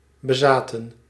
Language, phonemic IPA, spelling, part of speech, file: Dutch, /bəˈzaːtə(n)/, bezaten, verb, Nl-bezaten.ogg
- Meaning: inflection of bezitten: 1. plural past indicative 2. plural past subjunctive